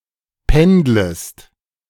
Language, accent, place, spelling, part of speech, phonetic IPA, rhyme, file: German, Germany, Berlin, pendlest, verb, [ˈpɛndləst], -ɛndləst, De-pendlest.ogg
- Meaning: second-person singular subjunctive I of pendeln